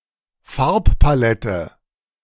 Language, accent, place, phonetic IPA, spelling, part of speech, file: German, Germany, Berlin, [ˈfaʁppaˌlɛtə], Farbpalette, noun, De-Farbpalette.ogg
- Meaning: palette